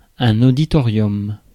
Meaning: auditorium
- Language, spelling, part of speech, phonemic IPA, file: French, auditorium, noun, /o.di.tɔ.ʁjɔm/, Fr-auditorium.ogg